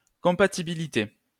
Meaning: compatibility
- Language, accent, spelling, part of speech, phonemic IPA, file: French, France, compatibilité, noun, /kɔ̃.pa.ti.bi.li.te/, LL-Q150 (fra)-compatibilité.wav